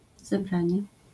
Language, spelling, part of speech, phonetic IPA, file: Polish, zebranie, noun, [zɛˈbrãɲɛ], LL-Q809 (pol)-zebranie.wav